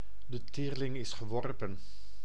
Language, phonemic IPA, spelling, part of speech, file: Dutch, /də ˈteːr.lɪŋ ɪs ɣəˈʋɔr.pə(n)/, de teerling is geworpen, phrase, Nl-de teerling is geworpen.ogg
- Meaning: the die is cast